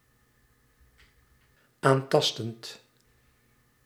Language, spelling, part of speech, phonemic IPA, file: Dutch, aantastend, verb, /ˈantɑstənt/, Nl-aantastend.ogg
- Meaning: present participle of aantasten